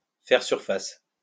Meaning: to surface, to emerge
- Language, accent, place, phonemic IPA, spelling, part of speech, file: French, France, Lyon, /fɛʁ syʁ.fas/, faire surface, verb, LL-Q150 (fra)-faire surface.wav